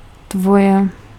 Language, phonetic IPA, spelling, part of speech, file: Czech, [ˈtvojɛ], tvoje, pronoun, Cs-tvoje.ogg
- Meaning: inflection of tvůj: 1. nominative feminine/neuter singular/plural 2. accusative neuter singular 3. inanimate nominative masculine plural 4. accusative masculine/feminine/neuter plural